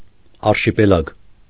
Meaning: archipelago
- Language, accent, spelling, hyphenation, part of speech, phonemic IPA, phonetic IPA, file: Armenian, Eastern Armenian, արշիպելագ, ար‧շի‧պե‧լագ, noun, /ɑɾʃipeˈlɑɡ/, [ɑɾʃipelɑ́ɡ], Hy-արշիպելագ.ogg